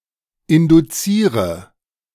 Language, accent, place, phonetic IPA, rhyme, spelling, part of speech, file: German, Germany, Berlin, [ˌɪnduˈt͡siːʁə], -iːʁə, induziere, verb, De-induziere.ogg
- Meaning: inflection of induzieren: 1. first-person singular present 2. first/third-person singular subjunctive I 3. singular imperative